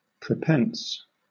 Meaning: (adjective) Devised, contrived, or planned beforehand; preconceived, premeditated; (verb) 1. To weigh or consider beforehand; to intend 2. To deliberate beforehand
- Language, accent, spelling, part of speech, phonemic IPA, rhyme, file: English, Southern England, prepense, adjective / verb, /pɹɪˈpɛns/, -ɛns, LL-Q1860 (eng)-prepense.wav